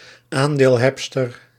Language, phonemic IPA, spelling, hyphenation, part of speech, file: Dutch, /ˈaːn.deːlˌɦɛp.stər/, aandeelhebster, aan‧deel‧heb‧ster, noun, Nl-aandeelhebster.ogg
- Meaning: female shareholder